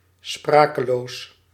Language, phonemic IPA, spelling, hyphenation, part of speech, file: Dutch, /ˈsprakəˌlos/, sprakeloos, spra‧ke‧loos, adjective, Nl-sprakeloos.ogg
- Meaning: speechless, at a loss for words